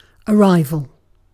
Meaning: 1. The act of arriving (reaching a certain place) 2. The fact of reaching a particular point in time 3. The fact of beginning to occur; the initial phase of something
- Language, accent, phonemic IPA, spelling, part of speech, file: English, UK, /əˈɹaɪ.vl̩/, arrival, noun, En-uk-arrival.ogg